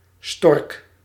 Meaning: synonym of ooievaar (“Ciconia ciconia”)
- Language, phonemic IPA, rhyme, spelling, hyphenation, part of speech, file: Dutch, /stɔrk/, -ɔrk, stork, stork, noun, Nl-stork.ogg